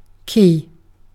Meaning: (noun) An object designed to open and close a lock or to activate or deactivate something, especially a length of metal inserted into a narrow opening on the lock to which it is matched (keyed)
- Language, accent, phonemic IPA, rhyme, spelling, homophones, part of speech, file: English, UK, /kiː/, -iː, key, cay / ki / quay, noun / adjective / verb, En-uk-key.ogg